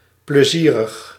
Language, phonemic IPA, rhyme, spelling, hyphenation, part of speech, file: Dutch, /pləˈzirəx/, -irəx, plezierig, ple‧zie‧rig, adjective, Nl-plezierig.ogg
- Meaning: pleasant, fun